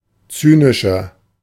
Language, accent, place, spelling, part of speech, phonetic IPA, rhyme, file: German, Germany, Berlin, zynischer, adjective, [ˈt͡syːnɪʃɐ], -yːnɪʃɐ, De-zynischer.ogg
- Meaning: 1. comparative degree of zynisch 2. inflection of zynisch: strong/mixed nominative masculine singular 3. inflection of zynisch: strong genitive/dative feminine singular